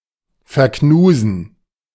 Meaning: to dislike; to not tolerate
- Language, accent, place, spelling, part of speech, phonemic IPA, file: German, Germany, Berlin, verknusen, verb, /fɛɐ̯ˈknuːzn̩/, De-verknusen.ogg